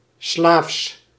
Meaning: 1. slavish, obsequious, subservient 2. slavish, unthinking, uncritically following orders or examples 3. pertaining to slaves or slavery
- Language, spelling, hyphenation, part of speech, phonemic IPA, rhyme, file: Dutch, slaafs, slaafs, adjective, /slaːfs/, -aːfs, Nl-slaafs.ogg